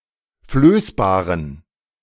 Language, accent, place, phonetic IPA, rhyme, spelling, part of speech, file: German, Germany, Berlin, [ˈfløːsbaːʁən], -øːsbaːʁən, flößbaren, adjective, De-flößbaren.ogg
- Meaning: inflection of flößbar: 1. strong genitive masculine/neuter singular 2. weak/mixed genitive/dative all-gender singular 3. strong/weak/mixed accusative masculine singular 4. strong dative plural